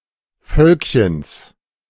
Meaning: genitive singular of Völkchen
- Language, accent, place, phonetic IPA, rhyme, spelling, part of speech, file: German, Germany, Berlin, [ˈfœlkçəns], -œlkçəns, Völkchens, noun, De-Völkchens.ogg